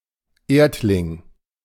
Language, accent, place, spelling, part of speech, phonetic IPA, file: German, Germany, Berlin, Erdling, noun, [ˈeːɐ̯tlɪŋ], De-Erdling.ogg
- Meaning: Earthling